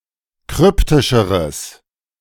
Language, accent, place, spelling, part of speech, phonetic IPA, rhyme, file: German, Germany, Berlin, kryptischeres, adjective, [ˈkʁʏptɪʃəʁəs], -ʏptɪʃəʁəs, De-kryptischeres.ogg
- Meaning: strong/mixed nominative/accusative neuter singular comparative degree of kryptisch